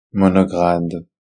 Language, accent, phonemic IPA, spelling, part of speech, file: French, Belgium, /mɔ.nɔ.ɡʁad/, monograde, adjective, Fr-BE-monograde.ogg
- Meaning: monograde